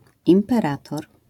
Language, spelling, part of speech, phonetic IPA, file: Polish, imperator, noun, [ˌĩmpɛˈratɔr], LL-Q809 (pol)-imperator.wav